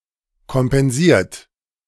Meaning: 1. past participle of kompensieren 2. inflection of kompensieren: third-person singular present 3. inflection of kompensieren: second-person plural present
- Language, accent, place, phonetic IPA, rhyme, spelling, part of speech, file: German, Germany, Berlin, [kɔmpɛnˈziːɐ̯t], -iːɐ̯t, kompensiert, verb, De-kompensiert.ogg